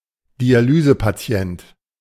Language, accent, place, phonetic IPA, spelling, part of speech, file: German, Germany, Berlin, [diaˈlyːzəpaˌt͡si̯ɛnt], Dialysepatient, noun, De-Dialysepatient.ogg
- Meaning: dialysis patient (male or of unspecified gender)